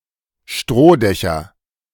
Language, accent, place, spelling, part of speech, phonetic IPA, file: German, Germany, Berlin, Strohdächer, noun, [ˈʃtʁoːˌdɛçɐ], De-Strohdächer.ogg
- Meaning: nominative/accusative/genitive plural of Strohdach